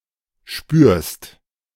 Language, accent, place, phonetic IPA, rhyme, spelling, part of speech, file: German, Germany, Berlin, [ʃpyːɐ̯st], -yːɐ̯st, spürst, verb, De-spürst.ogg
- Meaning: second-person singular present of spüren